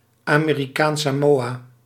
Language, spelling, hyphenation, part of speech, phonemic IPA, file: Dutch, Amerikaans-Samoa, Ame‧ri‧kaans-‧Sa‧moa, proper noun, /aː.meː.riˌkaːns.saːˈmoː.aː/, Nl-Amerikaans-Samoa.ogg
- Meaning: American Samoa (an archipelago and overseas territory of the United States in Polynesia)